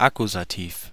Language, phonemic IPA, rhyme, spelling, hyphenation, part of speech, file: German, /ˈakuzatiːf/, -iːf, Akkusativ, Ak‧ku‧sa‧tiv, noun, De-Akkusativ.ogg
- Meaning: the accusative (case)